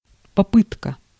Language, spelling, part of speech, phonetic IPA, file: Russian, попытка, noun, [pɐˈpɨtkə], Ru-попытка.ogg
- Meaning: attempt, try, effort